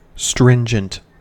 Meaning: Strict; binding strongly; making strict requirements; restrictive; rigid; severe
- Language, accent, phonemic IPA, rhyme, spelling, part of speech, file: English, US, /ˈstɹɪn.d͡ʒənt/, -ɪnd͡ʒənt, stringent, adjective, En-us-stringent.ogg